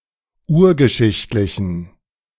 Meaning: inflection of urgeschichtlich: 1. strong genitive masculine/neuter singular 2. weak/mixed genitive/dative all-gender singular 3. strong/weak/mixed accusative masculine singular 4. strong dative plural
- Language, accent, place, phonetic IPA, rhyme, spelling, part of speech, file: German, Germany, Berlin, [ˈuːɐ̯ɡəˌʃɪçtlɪçn̩], -uːɐ̯ɡəʃɪçtlɪçn̩, urgeschichtlichen, adjective, De-urgeschichtlichen.ogg